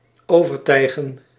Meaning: 1. to pull over 2. to cover up
- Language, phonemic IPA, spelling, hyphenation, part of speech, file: Dutch, /ˌoː.vərˈtɛi̯ɣə(n)/, overtijgen, over‧tij‧gen, verb, Nl-overtijgen.ogg